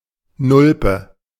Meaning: fool, nitwit
- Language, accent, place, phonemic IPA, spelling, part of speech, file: German, Germany, Berlin, /ˈnʊlpə/, Nulpe, noun, De-Nulpe.ogg